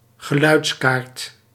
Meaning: 1. a sound card 2. a map depicting sound norms or sound levels
- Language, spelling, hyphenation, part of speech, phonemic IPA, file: Dutch, geluidskaart, ge‧luids‧kaart, noun, /ɣəˈlœy̯tˌkaːrt/, Nl-geluidskaart.ogg